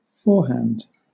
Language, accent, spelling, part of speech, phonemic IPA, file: English, Southern England, forehand, noun / adjective / verb, /fɔːhænd/, LL-Q1860 (eng)-forehand.wav
- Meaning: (noun) A stroke in which the palm of the hand faces the direction of the stroke